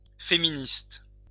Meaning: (adjective) feminist
- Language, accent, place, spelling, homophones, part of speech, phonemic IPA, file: French, France, Lyon, féministe, féministes, adjective / noun, /fe.mi.nist/, LL-Q150 (fra)-féministe.wav